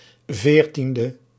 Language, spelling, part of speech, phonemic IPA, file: Dutch, 14e, adjective, /ˈvertində/, Nl-14e.ogg
- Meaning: abbreviation of veertiende (“fourteenth”); 14th